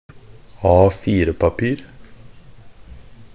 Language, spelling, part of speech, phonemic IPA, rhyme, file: Norwegian Bokmål, A4-papir, noun, /ˈɑːfiːrəpapiːr/, -iːr, NB - Pronunciation of Norwegian Bokmål «A4-papir».ogg
- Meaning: A piece of paper in the standard A4 format